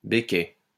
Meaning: becket
- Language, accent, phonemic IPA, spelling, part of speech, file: French, France, /be.kɛ/, béquet, noun, LL-Q150 (fra)-béquet.wav